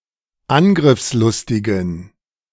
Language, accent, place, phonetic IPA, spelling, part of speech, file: German, Germany, Berlin, [ˈanɡʁɪfsˌlʊstɪɡn̩], angriffslustigen, adjective, De-angriffslustigen.ogg
- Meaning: inflection of angriffslustig: 1. strong genitive masculine/neuter singular 2. weak/mixed genitive/dative all-gender singular 3. strong/weak/mixed accusative masculine singular 4. strong dative plural